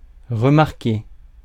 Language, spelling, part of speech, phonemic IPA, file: French, remarquer, verb, /ʁə.maʁ.ke/, Fr-remarquer.ogg
- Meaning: 1. to observe 2. to point out, remark upon 3. to notice 4. to attract attention 5. to announce